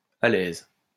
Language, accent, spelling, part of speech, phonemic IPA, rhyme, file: French, France, alaise, noun, /a.lɛz/, -ɛz, LL-Q150 (fra)-alaise.wav
- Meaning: undersheet, drawsheet